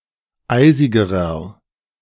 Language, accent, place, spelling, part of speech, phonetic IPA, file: German, Germany, Berlin, eisigerer, adjective, [ˈaɪ̯zɪɡəʁɐ], De-eisigerer.ogg
- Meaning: inflection of eisig: 1. strong/mixed nominative masculine singular comparative degree 2. strong genitive/dative feminine singular comparative degree 3. strong genitive plural comparative degree